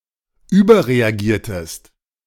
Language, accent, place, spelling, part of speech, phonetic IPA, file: German, Germany, Berlin, überreagiertest, verb, [ˈyːbɐʁeaˌɡiːɐ̯təst], De-überreagiertest.ogg
- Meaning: inflection of überreagieren: 1. second-person singular preterite 2. second-person singular subjunctive II